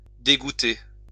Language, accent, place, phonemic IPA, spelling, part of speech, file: French, France, Lyon, /de.ɡu.te/, dégouter, verb, LL-Q150 (fra)-dégouter.wav
- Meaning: post-1990 spelling of dégoûter